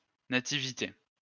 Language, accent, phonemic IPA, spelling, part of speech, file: French, France, /na.ti.vi.te/, nativité, noun, LL-Q150 (fra)-nativité.wav
- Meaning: 1. nativity (birth of Jesus Christ) 2. birth